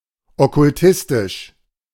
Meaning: occultistic
- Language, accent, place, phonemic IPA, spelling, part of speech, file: German, Germany, Berlin, /ɔkʊlˈtɪstɪʃ/, okkultistisch, adjective, De-okkultistisch.ogg